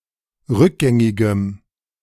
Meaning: strong dative masculine/neuter singular of rückgängig
- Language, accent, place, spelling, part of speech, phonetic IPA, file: German, Germany, Berlin, rückgängigem, adjective, [ˈʁʏkˌɡɛŋɪɡəm], De-rückgängigem.ogg